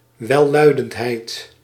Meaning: euphony
- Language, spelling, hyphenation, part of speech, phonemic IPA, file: Dutch, welluidendheid, wel‧lui‧dend‧heid, noun, /ʋɛˈlœy̯.dəntˌɦɛi̯t/, Nl-welluidendheid.ogg